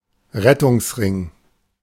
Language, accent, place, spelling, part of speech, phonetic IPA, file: German, Germany, Berlin, Rettungsring, noun, [ˈʁɛtʊŋsˌʁɪŋ], De-Rettungsring.ogg
- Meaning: 1. life buoy (UK), life preserver (US), life ring, lifesaver 2. spare tyre (UK), spare tire (North America), flab, roll of fat, love handle